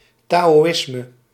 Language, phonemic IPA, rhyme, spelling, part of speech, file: Dutch, /ˌtaː.oːˈɪs.mə/, -ɪsmə, taoïsme, noun, Nl-taoïsme.ogg
- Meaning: Taoism